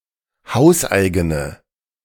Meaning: inflection of hauseigen: 1. strong/mixed nominative/accusative feminine singular 2. strong nominative/accusative plural 3. weak nominative all-gender singular
- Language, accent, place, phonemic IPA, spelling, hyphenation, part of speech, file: German, Germany, Berlin, /ˈhaʊ̯sˌʔaɪ̯ɡənə/, hauseigene, haus‧ei‧ge‧ne, adjective, De-hauseigene.ogg